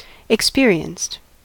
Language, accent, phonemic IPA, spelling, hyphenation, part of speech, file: English, US, /ɪkˈspɪɹ.i.ənst/, experienced, ex‧pe‧ri‧enced, adjective / verb, En-us-experienced.ogg
- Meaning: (adjective) 1. Having experience and skill in a subject 2. Experient; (verb) simple past and past participle of experience